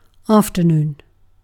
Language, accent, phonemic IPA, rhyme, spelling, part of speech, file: English, Received Pronunciation, /ˌɑːf.təˈnuːn/, -uːn, afternoon, noun / adverb / interjection, En-uk-afternoon.ogg
- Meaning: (noun) 1. The part of the day from noon or lunchtime until sunset, evening, or suppertime or 6pm 2. The later part of anything, often with implications of decline